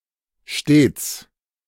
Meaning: 1. always; constantly; the whole time (very often) 2. every time (whenever some precondition is given) 3. always (at all times without exception)
- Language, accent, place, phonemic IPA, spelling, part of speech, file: German, Germany, Berlin, /ʃteːts/, stets, adverb, De-stets.ogg